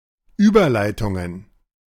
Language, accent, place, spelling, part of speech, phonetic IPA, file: German, Germany, Berlin, Überleitungen, noun, [ˈyːbɐˌlaɪ̯tʊŋən], De-Überleitungen.ogg
- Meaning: plural of Überleitung